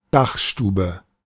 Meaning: attic
- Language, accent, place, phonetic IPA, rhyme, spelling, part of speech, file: German, Germany, Berlin, [ˈdaxˌʃtuːbə], -axʃtuːbə, Dachstube, noun, De-Dachstube.ogg